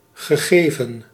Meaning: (verb) past participle of geven; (adjective) given, determined, known; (noun) datum, a given fact, parameter, piece of information
- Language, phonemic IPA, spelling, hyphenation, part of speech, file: Dutch, /ɣəˈɣeː.və(n)/, gegeven, ge‧ge‧ven, verb / adjective / noun, Nl-gegeven.ogg